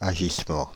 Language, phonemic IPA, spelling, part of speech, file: French, /a.ʒis.mɑ̃/, agissement, noun, Fr-agissement.ogg
- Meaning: doing, intrigue, scheme